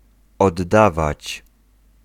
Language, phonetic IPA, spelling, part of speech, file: Polish, [ɔdˈːavat͡ɕ], oddawać, verb, Pl-oddawać.ogg